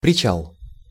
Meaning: 1. pier, mooring, berth, quay, dock, wharf, marina 2. Prichal (module of the International Space Station)
- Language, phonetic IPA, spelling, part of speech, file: Russian, [prʲɪˈt͡ɕaɫ], причал, noun, Ru-причал.ogg